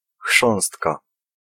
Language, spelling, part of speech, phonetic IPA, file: Polish, chrząstka, noun, [ˈxʃɔ̃w̃stka], Pl-chrząstka.ogg